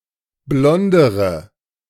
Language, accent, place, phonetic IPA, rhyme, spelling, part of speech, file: German, Germany, Berlin, [ˈblɔndəʁə], -ɔndəʁə, blondere, adjective, De-blondere.ogg
- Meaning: inflection of blond: 1. strong/mixed nominative/accusative feminine singular comparative degree 2. strong nominative/accusative plural comparative degree